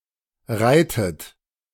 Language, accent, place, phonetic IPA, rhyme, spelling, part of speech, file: German, Germany, Berlin, [ˈʁaɪ̯tət], -aɪ̯tət, reitet, verb, De-reitet.ogg
- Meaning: inflection of reiten: 1. third-person singular present 2. second-person plural present 3. second-person plural subjunctive I 4. plural imperative